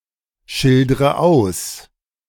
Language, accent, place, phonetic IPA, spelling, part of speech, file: German, Germany, Berlin, [ˌʃɪldʁə ˈaʊ̯s], schildre aus, verb, De-schildre aus.ogg
- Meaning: inflection of ausschildern: 1. first-person singular present 2. first/third-person singular subjunctive I 3. singular imperative